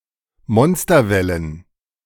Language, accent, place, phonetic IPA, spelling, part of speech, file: German, Germany, Berlin, [ˈmɔnstɐˌvɛlən], Monsterwellen, noun, De-Monsterwellen.ogg
- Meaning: plural of Monsterwelle